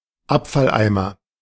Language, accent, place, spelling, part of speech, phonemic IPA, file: German, Germany, Berlin, Abfalleimer, noun, /ˈapfalˌ(ʔ)aɪ̯mɐ/, De-Abfalleimer.ogg
- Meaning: rubbish bin; dustbin; trash can (small container for wet rubbish, either indoors or a fixed one outdoors)